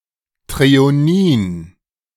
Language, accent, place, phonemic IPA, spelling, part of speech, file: German, Germany, Berlin, /tʁeoˈniːn/, Threonin, noun, De-Threonin.ogg
- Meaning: threonine